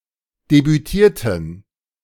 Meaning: inflection of debütieren: 1. first/third-person plural preterite 2. first/third-person plural subjunctive II
- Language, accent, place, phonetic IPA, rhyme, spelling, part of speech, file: German, Germany, Berlin, [debyˈtiːɐ̯tn̩], -iːɐ̯tn̩, debütierten, adjective / verb, De-debütierten.ogg